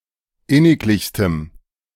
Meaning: strong dative masculine/neuter singular superlative degree of inniglich
- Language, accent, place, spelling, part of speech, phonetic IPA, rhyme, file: German, Germany, Berlin, inniglichstem, adjective, [ˈɪnɪkˌlɪçstəm], -ɪnɪklɪçstəm, De-inniglichstem.ogg